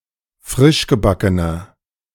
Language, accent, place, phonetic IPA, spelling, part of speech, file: German, Germany, Berlin, [ˈfʁɪʃɡəˌbakənɐ], frischgebackener, adjective, De-frischgebackener.ogg
- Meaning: inflection of frischgebacken: 1. strong/mixed nominative masculine singular 2. strong genitive/dative feminine singular 3. strong genitive plural